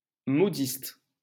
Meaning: modiste; milliner
- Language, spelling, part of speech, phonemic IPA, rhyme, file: French, modiste, noun, /mɔ.dist/, -ist, LL-Q150 (fra)-modiste.wav